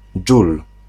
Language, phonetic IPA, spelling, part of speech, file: Polish, [d͡ʒul], dżul, noun, Pl-dżul.ogg